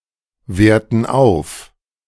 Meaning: inflection of aufwerten: 1. first/third-person plural present 2. first/third-person plural subjunctive I
- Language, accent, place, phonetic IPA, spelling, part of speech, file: German, Germany, Berlin, [ˌveːɐ̯tn̩ ˈaʊ̯f], werten auf, verb, De-werten auf.ogg